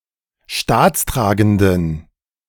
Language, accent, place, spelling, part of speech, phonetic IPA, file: German, Germany, Berlin, staatstragenden, adjective, [ˈʃtaːt͡sˌtʁaːɡn̩dən], De-staatstragenden.ogg
- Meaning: inflection of staatstragend: 1. strong genitive masculine/neuter singular 2. weak/mixed genitive/dative all-gender singular 3. strong/weak/mixed accusative masculine singular 4. strong dative plural